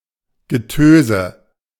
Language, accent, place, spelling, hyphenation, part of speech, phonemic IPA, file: German, Germany, Berlin, Getöse, Ge‧tö‧se, noun, /ɡəˈtøːzə/, De-Getöse.ogg
- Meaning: din, racket (especially if from a weather phenomenon)